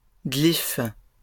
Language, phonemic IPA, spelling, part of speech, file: French, /ɡlif/, glyphes, noun, LL-Q150 (fra)-glyphes.wav
- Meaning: plural of glyphe